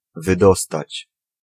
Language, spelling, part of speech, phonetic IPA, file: Polish, wydostać, verb, [vɨˈdɔstat͡ɕ], Pl-wydostać.ogg